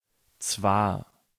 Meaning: 1. Signals a following contrary clause, which is usually introduced with aber (“but”), stressing that the speaker is aware of the contradiction, but that it does not invalidate the statement 2. namely
- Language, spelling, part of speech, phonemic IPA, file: German, zwar, adverb, /tsvaːr/, De-zwar.ogg